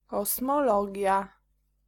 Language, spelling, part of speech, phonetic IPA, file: Polish, kosmologia, noun, [ˌkɔsmɔˈlɔɟja], Pl-kosmologia.ogg